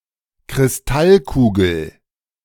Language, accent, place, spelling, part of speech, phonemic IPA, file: German, Germany, Berlin, Kristallkugel, noun, /kʁɪsˈtalˌkuːɡəl/, De-Kristallkugel.ogg
- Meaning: crystal ball (a globe used to foretell the future)